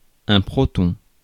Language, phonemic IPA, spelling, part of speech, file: French, /pʁɔ.tɔ̃/, proton, noun, Fr-proton.ogg
- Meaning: proton